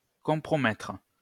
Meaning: to compromise, jeopardise
- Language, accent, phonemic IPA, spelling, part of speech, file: French, France, /kɔ̃.pʁɔ.mɛtʁ/, compromettre, verb, LL-Q150 (fra)-compromettre.wav